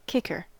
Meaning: 1. One who kicks 2. One who takes kicks 3. One who takes kicks.: A placekicker: a player who kicks the football during free kicks, kick offs, field goals, and extra point tries 4. The kicking strap
- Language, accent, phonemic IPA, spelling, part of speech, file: English, US, /ˈkɪkɚ/, kicker, noun, En-us-kicker.ogg